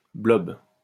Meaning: BLOB
- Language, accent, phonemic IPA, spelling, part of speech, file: French, France, /blɔb/, BLOB, noun, LL-Q150 (fra)-BLOB.wav